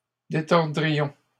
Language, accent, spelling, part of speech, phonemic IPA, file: French, Canada, détordrions, verb, /de.tɔʁ.dʁi.jɔ̃/, LL-Q150 (fra)-détordrions.wav
- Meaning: first-person plural conditional of détordre